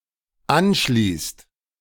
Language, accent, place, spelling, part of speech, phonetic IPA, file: German, Germany, Berlin, anschließt, verb, [ˈanˌʃliːst], De-anschließt.ogg
- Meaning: inflection of anschließen: 1. second/third-person singular dependent present 2. second-person plural dependent present